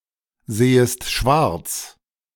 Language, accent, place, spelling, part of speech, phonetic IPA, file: German, Germany, Berlin, sehest schwarz, verb, [ˌzeːəst ˈʃvaʁt͡s], De-sehest schwarz.ogg
- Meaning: second-person singular subjunctive I of schwarzsehen